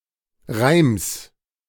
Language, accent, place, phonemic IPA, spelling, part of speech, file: German, Germany, Berlin, /ʁaɪ̯ms/, Reims, noun, De-Reims.ogg
- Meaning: genitive singular of Reim